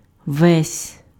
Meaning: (pronoun) all, the whole; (noun) 1. a village 2. Ves' (medieval Finnic tribe, ancestors of the Vepsians)
- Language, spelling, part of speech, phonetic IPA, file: Ukrainian, весь, pronoun / noun, [ʋɛsʲ], Uk-весь.ogg